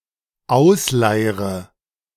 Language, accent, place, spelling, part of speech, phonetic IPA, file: German, Germany, Berlin, ausleire, verb, [ˈaʊ̯sˌlaɪ̯ʁə], De-ausleire.ogg
- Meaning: inflection of ausleiern: 1. first-person singular dependent present 2. first/third-person singular dependent subjunctive I